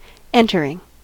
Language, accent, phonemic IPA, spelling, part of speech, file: English, US, /ˈɛn.təɹ.ɪŋ/, entering, verb / noun / adjective, En-us-entering.ogg
- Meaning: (verb) present participle and gerund of enter; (noun) action of the verb to enter; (adjective) that enters